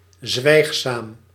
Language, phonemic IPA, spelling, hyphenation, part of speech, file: Dutch, /ˈzʋɛi̯x.saːm/, zwijgzaam, zwijg‧zaam, adjective, Nl-zwijgzaam.ogg
- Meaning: quiet, taciturn